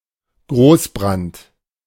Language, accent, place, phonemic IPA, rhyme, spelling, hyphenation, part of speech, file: German, Germany, Berlin, /ˈɡʁoːsˌbʁant/, -ant, Großbrand, Groß‧brand, noun, De-Großbrand.ogg
- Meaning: conflagration (large, ferocious, and destructive fire)